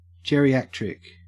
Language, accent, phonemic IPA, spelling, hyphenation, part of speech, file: English, Australia, /ˌdʒɛɹ.iˈæt.ɹɪk/, geriatric, ge‧ri‧at‧ric, adjective / noun, En-au-geriatric.ogg
- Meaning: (adjective) 1. Relating to the elderly 2. Elderly, old 3. Relating to geriatrics; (noun) An old person